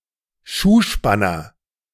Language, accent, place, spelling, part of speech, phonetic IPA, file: German, Germany, Berlin, Schuhspanner, noun, [ˈʃuːˌʃpanɐ], De-Schuhspanner.ogg
- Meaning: shoe tree (to hold or stretch a shoe)